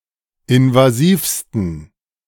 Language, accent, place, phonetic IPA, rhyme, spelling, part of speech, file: German, Germany, Berlin, [ɪnvaˈziːfstn̩], -iːfstn̩, invasivsten, adjective, De-invasivsten.ogg
- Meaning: 1. superlative degree of invasiv 2. inflection of invasiv: strong genitive masculine/neuter singular superlative degree